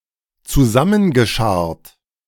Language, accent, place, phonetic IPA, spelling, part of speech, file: German, Germany, Berlin, [t͡suˈzamənɡəˌʃaʁt], zusammengescharrt, verb, De-zusammengescharrt.ogg
- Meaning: past participle of zusammenscharren